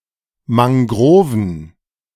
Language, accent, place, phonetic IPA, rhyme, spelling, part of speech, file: German, Germany, Berlin, [maŋˈɡʁoːvn̩], -oːvn̩, Mangroven, noun, De-Mangroven.ogg
- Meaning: plural of Mangrove